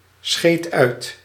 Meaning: singular past indicative of uitscheiden
- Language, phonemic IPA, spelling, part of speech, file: Dutch, /ˌsxeːt ˈœy̯t/, scheed uit, verb, Nl-scheed uit.ogg